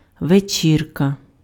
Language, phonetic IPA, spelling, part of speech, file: Ukrainian, [ʋeˈt͡ʃʲirkɐ], вечірка, noun, Uk-вечірка.ogg
- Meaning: party (fun social gathering, usually in the evening)